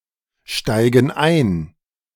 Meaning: inflection of einsteigen: 1. first/third-person plural present 2. first/third-person plural subjunctive I
- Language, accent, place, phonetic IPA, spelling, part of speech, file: German, Germany, Berlin, [ˌʃtaɪ̯ɡn̩ ˈaɪ̯n], steigen ein, verb, De-steigen ein.ogg